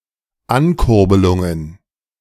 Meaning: plural of Ankurbelung
- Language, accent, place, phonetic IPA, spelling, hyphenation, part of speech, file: German, Germany, Berlin, [ˈankʊʁbəlʊŋən], Ankurbelungen, An‧kur‧be‧lun‧gen, noun, De-Ankurbelungen.ogg